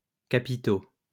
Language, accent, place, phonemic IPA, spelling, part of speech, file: French, France, Lyon, /ka.pi.to/, capitaux, adjective, LL-Q150 (fra)-capitaux.wav
- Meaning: masculine plural of capital